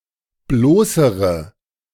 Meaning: inflection of bloß: 1. strong/mixed nominative/accusative feminine singular comparative degree 2. strong nominative/accusative plural comparative degree
- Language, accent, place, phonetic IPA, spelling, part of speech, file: German, Germany, Berlin, [ˈbloːsəʁə], bloßere, adjective, De-bloßere.ogg